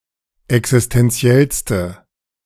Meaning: inflection of existenziell: 1. strong/mixed nominative/accusative feminine singular superlative degree 2. strong nominative/accusative plural superlative degree
- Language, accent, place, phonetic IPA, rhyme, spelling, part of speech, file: German, Germany, Berlin, [ɛksɪstɛnˈt͡si̯ɛlstə], -ɛlstə, existenziellste, adjective, De-existenziellste.ogg